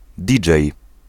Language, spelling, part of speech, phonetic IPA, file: Polish, DJ, abbreviation, [ˈdʲid͡ʒɛj], Pl-DJ.ogg